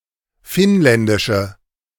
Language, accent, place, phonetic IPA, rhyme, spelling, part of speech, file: German, Germany, Berlin, [ˈfɪnˌlɛndɪʃə], -ɪnlɛndɪʃə, finnländische, adjective, De-finnländische.ogg
- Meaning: inflection of finnländisch: 1. strong/mixed nominative/accusative feminine singular 2. strong nominative/accusative plural 3. weak nominative all-gender singular